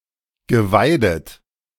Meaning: past participle of weiden
- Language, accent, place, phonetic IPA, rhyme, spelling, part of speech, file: German, Germany, Berlin, [ɡəˈvaɪ̯dət], -aɪ̯dət, geweidet, verb, De-geweidet.ogg